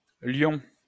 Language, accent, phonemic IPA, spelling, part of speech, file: French, France, /ljɔ̃/, Lion, proper noun, LL-Q150 (fra)-Lion.wav
- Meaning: 1. Leo (constellation) 2. Leo (star sign)